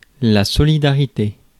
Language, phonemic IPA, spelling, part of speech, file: French, /sɔ.li.da.ʁi.te/, solidarité, noun, Fr-solidarité.ogg
- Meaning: solidarity